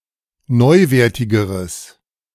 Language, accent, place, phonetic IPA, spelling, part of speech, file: German, Germany, Berlin, [ˈnɔɪ̯ˌveːɐ̯tɪɡəʁəs], neuwertigeres, adjective, De-neuwertigeres.ogg
- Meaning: strong/mixed nominative/accusative neuter singular comparative degree of neuwertig